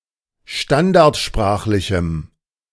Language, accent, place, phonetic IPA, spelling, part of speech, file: German, Germany, Berlin, [ˈʃtandaʁtˌʃpʁaːxlɪçm̩], standardsprachlichem, adjective, De-standardsprachlichem.ogg
- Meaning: strong dative masculine/neuter singular of standardsprachlich